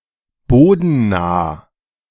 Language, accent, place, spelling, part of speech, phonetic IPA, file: German, Germany, Berlin, bodennah, adjective, [ˈboːdn̩ˌnaː], De-bodennah.ogg
- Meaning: near-ground